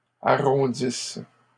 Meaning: inflection of arrondir: 1. third-person plural present indicative/subjunctive 2. third-person plural imperfect subjunctive
- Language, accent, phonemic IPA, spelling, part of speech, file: French, Canada, /a.ʁɔ̃.dis/, arrondissent, verb, LL-Q150 (fra)-arrondissent.wav